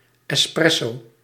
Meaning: espresso
- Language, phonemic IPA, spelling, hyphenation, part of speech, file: Dutch, /ˌɛsˈprɛ.soː/, espresso, es‧pres‧so, noun, Nl-espresso.ogg